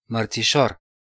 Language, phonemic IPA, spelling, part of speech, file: Romanian, /mər.t͡siˈʃor/, mărțișor, noun, Ro-mărțișor.ogg
- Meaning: 1. March (third month of the Gregorian calendar) 2. trinket worn in honor of March 1 (folk celebration)